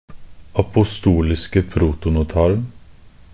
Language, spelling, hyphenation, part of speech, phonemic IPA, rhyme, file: Norwegian Bokmål, apostoliske protonotaren, a‧po‧sto‧lis‧ke pro‧to‧no‧tar‧en, noun, /apʊˈstuːlɪskə pruːtʊnʊˈtɑːrn̩/, -ɑːrn̩, Nb-apostoliske protonotaren.ogg
- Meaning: definite singular of apostolisk protonotar